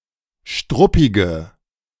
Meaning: inflection of struppig: 1. strong/mixed nominative/accusative feminine singular 2. strong nominative/accusative plural 3. weak nominative all-gender singular
- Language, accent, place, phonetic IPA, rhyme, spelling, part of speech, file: German, Germany, Berlin, [ˈʃtʁʊpɪɡə], -ʊpɪɡə, struppige, adjective, De-struppige.ogg